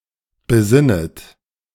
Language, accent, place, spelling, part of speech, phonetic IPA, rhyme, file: German, Germany, Berlin, besinnet, verb, [bəˈzɪnət], -ɪnət, De-besinnet.ogg
- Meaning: second-person plural subjunctive I of besinnen